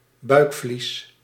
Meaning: peritoneum
- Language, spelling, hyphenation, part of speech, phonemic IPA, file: Dutch, buikvlies, buik‧vlies, noun, /ˈbœy̯k.flis/, Nl-buikvlies.ogg